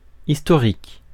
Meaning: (adjective) 1. historical (pertaining to history) 2. historic (important or likely to be important to history and historians); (noun) 1. history 2. chronological narration of past events, history
- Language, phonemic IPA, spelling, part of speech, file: French, /is.tɔ.ʁik/, historique, adjective / noun, Fr-historique.ogg